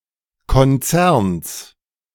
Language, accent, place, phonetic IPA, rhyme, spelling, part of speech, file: German, Germany, Berlin, [kɔnˈt͡sɛʁns], -ɛʁns, Konzerns, noun, De-Konzerns.ogg
- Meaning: genitive singular of Konzern